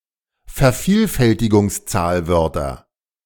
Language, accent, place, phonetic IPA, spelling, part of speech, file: German, Germany, Berlin, [fɛɐ̯ˈfiːlfɛltɪɡʊŋsˌt͡saːlvœʁtɐ], Vervielfältigungszahlwörter, noun, De-Vervielfältigungszahlwörter.ogg
- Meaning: nominative/accusative/genitive plural of Vervielfältigungszahlwort